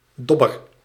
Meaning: float (buoyant device used when fishing)
- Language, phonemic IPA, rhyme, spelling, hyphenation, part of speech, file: Dutch, /ˈdɔ.bər/, -ɔbər, dobber, dob‧ber, noun, Nl-dobber.ogg